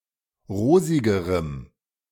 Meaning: strong dative masculine/neuter singular comparative degree of rosig
- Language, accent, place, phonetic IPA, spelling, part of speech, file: German, Germany, Berlin, [ˈʁoːzɪɡəʁəm], rosigerem, adjective, De-rosigerem.ogg